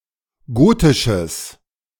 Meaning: strong/mixed nominative/accusative neuter singular of gotisch
- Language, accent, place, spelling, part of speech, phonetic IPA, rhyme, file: German, Germany, Berlin, gotisches, adjective, [ˈɡoːtɪʃəs], -oːtɪʃəs, De-gotisches.ogg